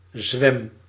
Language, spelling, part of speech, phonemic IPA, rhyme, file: Dutch, zwem, verb, /zʋɛm/, -ɛm, Nl-zwem.ogg
- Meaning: inflection of zwemmen: 1. first-person singular present indicative 2. second-person singular present indicative 3. imperative